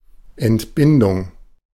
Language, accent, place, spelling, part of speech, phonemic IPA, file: German, Germany, Berlin, Entbindung, noun, /ɛntˈbɪndʊŋ/, De-Entbindung.ogg
- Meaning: 1. liberation (from something, especially an obligation) 2. childbirth; delivery